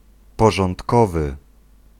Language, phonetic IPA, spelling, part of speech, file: Polish, [ˌpɔʒɔ̃ntˈkɔvɨ], porządkowy, adjective / noun, Pl-porządkowy.ogg